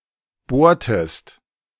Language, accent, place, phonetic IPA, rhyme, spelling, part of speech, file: German, Germany, Berlin, [ˈboːɐ̯təst], -oːɐ̯təst, bohrtest, verb, De-bohrtest.ogg
- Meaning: inflection of bohren: 1. second-person singular preterite 2. second-person singular subjunctive II